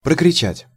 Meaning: 1. to shout, to cry out, to yell 2. to shout (for a certain time), to scream 3. to trumpet, to tout
- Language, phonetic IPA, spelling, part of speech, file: Russian, [prəkrʲɪˈt͡ɕætʲ], прокричать, verb, Ru-прокричать.ogg